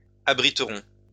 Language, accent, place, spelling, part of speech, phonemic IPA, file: French, France, Lyon, abriteront, verb, /a.bʁi.tʁɔ̃/, LL-Q150 (fra)-abriteront.wav
- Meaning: third-person plural future of abriter